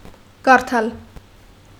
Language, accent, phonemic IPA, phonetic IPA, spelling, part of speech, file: Armenian, Eastern Armenian, /kɑɾˈtʰɑl/, [kɑɾtʰɑ́l], կարդալ, verb, Hy-կարդալ.ogg
- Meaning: 1. to read 2. to recite from memory